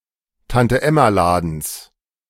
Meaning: genitive singular of Tante-Emma-Laden
- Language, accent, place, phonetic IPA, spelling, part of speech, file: German, Germany, Berlin, [tantəˈʔɛmaˌlaːdn̩s], Tante-Emma-Ladens, noun, De-Tante-Emma-Ladens.ogg